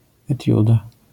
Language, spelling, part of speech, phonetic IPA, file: Polish, etiuda, noun, [ɛˈtʲjuda], LL-Q809 (pol)-etiuda.wav